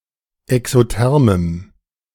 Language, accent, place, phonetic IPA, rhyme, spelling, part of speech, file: German, Germany, Berlin, [ɛksoˈtɛʁməm], -ɛʁməm, exothermem, adjective, De-exothermem.ogg
- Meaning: strong dative masculine/neuter singular of exotherm